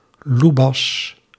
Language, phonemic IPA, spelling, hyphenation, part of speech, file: Dutch, /ˈlu.bɑs/, loebas, loe‧bas, noun, Nl-loebas.ogg
- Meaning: a large, but clumsy or lethargic, often good-natured, dog, human or other animal